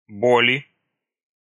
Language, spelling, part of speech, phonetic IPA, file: Russian, боли, noun, [ˈbolʲɪ], Ru-боли.ogg
- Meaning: inflection of боль (bolʹ): 1. genitive/dative/prepositional singular 2. nominative/accusative plural